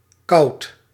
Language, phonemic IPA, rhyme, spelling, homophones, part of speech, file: Dutch, /ˈkɑu̯t/, -ɑu̯t, kauwt, koud / kout, verb, Nl-kauwt.ogg
- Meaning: inflection of kauwen: 1. second/third-person singular present indicative 2. plural imperative